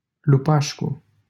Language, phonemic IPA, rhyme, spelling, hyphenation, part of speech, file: Romanian, /luˈpaʃ.ku/, -aʃku, Lupașcu, Lu‧paș‧cu, proper noun, LL-Q7913 (ron)-Lupașcu.wav
- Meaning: a surname